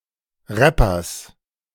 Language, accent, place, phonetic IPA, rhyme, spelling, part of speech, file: German, Germany, Berlin, [ˈʁɛpɐs], -ɛpɐs, Rappers, noun, De-Rappers.ogg
- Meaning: genitive singular of Rapper